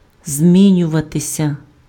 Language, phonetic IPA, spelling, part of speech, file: Ukrainian, [ˈzʲmʲinʲʊʋɐtesʲɐ], змінюватися, verb, Uk-змінюватися.ogg
- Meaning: to change